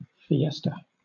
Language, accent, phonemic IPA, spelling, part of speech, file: English, Southern England, /fɪˈestə/, fiesta, noun / verb, LL-Q1860 (eng)-fiesta.wav
- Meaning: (noun) 1. A religious festival 2. A festive occasion; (verb) To take part in a festive celebration; to party